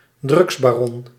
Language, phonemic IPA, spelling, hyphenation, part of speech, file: Dutch, /ˈdrʏɡs.baːˌrɔn/, drugsbaron, drugs‧ba‧ron, noun, Nl-drugsbaron.ogg
- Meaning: drug baron